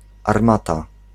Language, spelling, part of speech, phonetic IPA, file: Polish, armata, noun, [arˈmata], Pl-armata.ogg